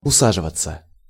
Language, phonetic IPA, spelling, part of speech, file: Russian, [ʊˈsaʐɨvət͡sə], усаживаться, verb, Ru-усаживаться.ogg
- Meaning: 1. to sit down (comfortably), to take a seat 2. passive of уса́живать (usáživatʹ)